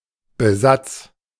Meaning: edging, trimming, lining
- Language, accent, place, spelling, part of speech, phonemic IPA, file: German, Germany, Berlin, Besatz, noun, /bəˈzats/, De-Besatz.ogg